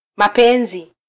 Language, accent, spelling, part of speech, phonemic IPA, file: Swahili, Kenya, mapenzi, noun, /mɑˈpɛ.ⁿzi/, Sw-ke-mapenzi.flac
- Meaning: 1. love, affection 2. plural of penzi 3. plural of upenzi